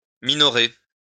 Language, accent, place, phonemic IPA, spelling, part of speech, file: French, France, Lyon, /mi.nɔ.ʁe/, minorer, verb, LL-Q150 (fra)-minorer.wav
- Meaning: to diminish the value (of)